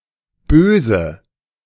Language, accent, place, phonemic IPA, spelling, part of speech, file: German, Germany, Berlin, /ˈbøːzə/, Böse, noun, De-Böse.ogg
- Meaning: 1. evil, malice, wickedness 2. anger 3. the Evil One 4. bad guy, baddie 5. bad boy